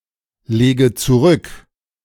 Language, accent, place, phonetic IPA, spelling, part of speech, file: German, Germany, Berlin, [ˌleːɡə t͡suˈʁʏk], lege zurück, verb, De-lege zurück.ogg
- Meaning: inflection of zurücklegen: 1. first-person singular present 2. first/third-person singular subjunctive I 3. singular imperative